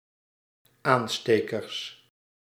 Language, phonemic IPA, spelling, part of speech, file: Dutch, /ˈanstekərs/, aanstekers, noun, Nl-aanstekers.ogg
- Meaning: plural of aansteker